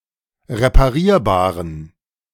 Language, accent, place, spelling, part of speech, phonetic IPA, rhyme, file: German, Germany, Berlin, reparierbaren, adjective, [ʁepaˈʁiːɐ̯baːʁən], -iːɐ̯baːʁən, De-reparierbaren.ogg
- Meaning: inflection of reparierbar: 1. strong genitive masculine/neuter singular 2. weak/mixed genitive/dative all-gender singular 3. strong/weak/mixed accusative masculine singular 4. strong dative plural